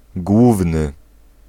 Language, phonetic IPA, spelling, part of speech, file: Polish, [ˈɡwuvnɨ], główny, adjective, Pl-główny.ogg